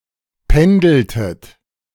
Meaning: inflection of pendeln: 1. second-person plural preterite 2. second-person plural subjunctive II
- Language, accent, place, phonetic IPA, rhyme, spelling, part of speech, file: German, Germany, Berlin, [ˈpɛndl̩tət], -ɛndl̩tət, pendeltet, verb, De-pendeltet.ogg